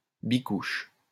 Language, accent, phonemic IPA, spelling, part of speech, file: French, France, /bi.kuʃ/, bicouche, noun, LL-Q150 (fra)-bicouche.wav
- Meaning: bilayer